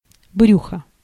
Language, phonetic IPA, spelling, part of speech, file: Russian, [ˈbrʲuxə], брюхо, noun, Ru-брюхо.ogg
- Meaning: 1. belly 2. paunch